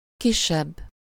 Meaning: comparative degree of kis
- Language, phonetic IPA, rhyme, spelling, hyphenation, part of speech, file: Hungarian, [ˈkiʃːɛbː], -ɛbː, kisebb, ki‧sebb, adjective, Hu-kisebb.ogg